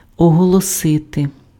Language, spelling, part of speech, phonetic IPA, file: Ukrainian, оголосити, verb, [ɔɦɔɫɔˈsɪte], Uk-оголосити.ogg
- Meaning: to announce, to declare, to proclaim